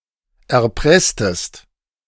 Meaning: inflection of erpressen: 1. second-person singular preterite 2. second-person singular subjunctive II
- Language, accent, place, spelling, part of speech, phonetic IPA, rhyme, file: German, Germany, Berlin, erpresstest, verb, [ɛɐ̯ˈpʁɛstəst], -ɛstəst, De-erpresstest.ogg